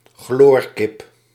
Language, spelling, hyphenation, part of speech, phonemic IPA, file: Dutch, chloorkip, chloor‧kip, noun, /ˈxloːr.kɪp/, Nl-chloorkip.ogg
- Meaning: 1. chicken carcass that has been disinfected with a chlorine solution 2. chicken meat that has been disinfected with a chlorine solution